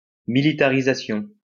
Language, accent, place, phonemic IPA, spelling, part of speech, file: French, France, Lyon, /mi.li.ta.ʁi.za.sjɔ̃/, militarisation, noun, LL-Q150 (fra)-militarisation.wav
- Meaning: militarization